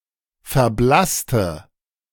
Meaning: inflection of verblassen: 1. first/third-person singular preterite 2. first/third-person singular subjunctive II
- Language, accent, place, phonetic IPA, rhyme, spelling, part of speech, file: German, Germany, Berlin, [fɛɐ̯ˈblastə], -astə, verblasste, adjective / verb, De-verblasste.ogg